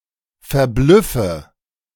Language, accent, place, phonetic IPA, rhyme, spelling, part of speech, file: German, Germany, Berlin, [fɛɐ̯ˈblʏfə], -ʏfə, verblüffe, verb, De-verblüffe.ogg
- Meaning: inflection of verblüffen: 1. first-person singular present 2. first/third-person singular subjunctive I 3. singular imperative